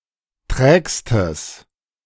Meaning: strong/mixed nominative/accusative neuter singular superlative degree of träge
- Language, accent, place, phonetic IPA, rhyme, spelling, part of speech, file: German, Germany, Berlin, [ˈtʁɛːkstəs], -ɛːkstəs, trägstes, adjective, De-trägstes.ogg